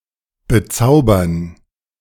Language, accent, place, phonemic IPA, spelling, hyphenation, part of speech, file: German, Germany, Berlin, /bəˈtsaʊbɐn/, bezaubern, be‧zau‧bern, verb, De-bezaubern.ogg
- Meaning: to enchant, to fascinate